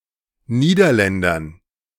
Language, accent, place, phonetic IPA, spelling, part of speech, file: German, Germany, Berlin, [ˈniːdɐˌlɛndɐn], Niederländern, noun, De-Niederländern.ogg
- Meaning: dative plural of Niederländer